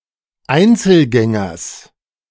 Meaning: genitive singular of Einzelgänger
- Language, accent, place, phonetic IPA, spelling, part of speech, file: German, Germany, Berlin, [ˈaɪ̯nt͡sl̩ˌɡɛŋɐs], Einzelgängers, noun, De-Einzelgängers.ogg